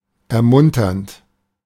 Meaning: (verb) present participle of ermuntern; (adjective) encouraging
- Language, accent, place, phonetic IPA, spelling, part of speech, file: German, Germany, Berlin, [ɛɐ̯ˈmʊntɐnt], ermunternd, verb, De-ermunternd.ogg